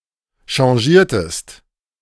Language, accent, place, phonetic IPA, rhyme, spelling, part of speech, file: German, Germany, Berlin, [ʃɑ̃ˈʒiːɐ̯təst], -iːɐ̯təst, changiertest, verb, De-changiertest.ogg
- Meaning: inflection of changieren: 1. second-person singular preterite 2. second-person singular subjunctive II